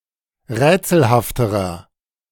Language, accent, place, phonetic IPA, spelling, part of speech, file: German, Germany, Berlin, [ˈʁɛːt͡sl̩haftəʁɐ], rätselhafterer, adjective, De-rätselhafterer.ogg
- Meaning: inflection of rätselhaft: 1. strong/mixed nominative masculine singular comparative degree 2. strong genitive/dative feminine singular comparative degree 3. strong genitive plural comparative degree